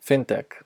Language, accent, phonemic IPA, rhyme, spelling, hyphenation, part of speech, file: English, US, /ˈfɪntɛk/, -ɪntɛk, fintech, fin‧tech, noun, En-us-fintech.ogg
- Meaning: 1. Financial technology, that is, technology (usually information technology) that is focused on finance 2. A company in the finance sector, such as one dealing with payments, fundraising or loans